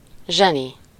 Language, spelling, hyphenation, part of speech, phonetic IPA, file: Hungarian, zseni, zse‧ni, noun, [ˈʒɛni], Hu-zseni.ogg
- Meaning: genius (someone possessing extraordinary intelligence or skill)